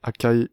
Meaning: Achaea
- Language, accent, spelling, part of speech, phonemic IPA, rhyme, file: French, France, Achaïe, proper noun, /a.ka.i/, -i, Fr-Achaïe.ogg